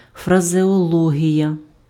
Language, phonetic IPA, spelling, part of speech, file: Ukrainian, [frɐzeɔˈɫɔɦʲijɐ], фразеологія, noun, Uk-фразеологія.ogg
- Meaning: 1. phraseology (set of phrases and expressions) 2. phraseology (study of phrases and expressions)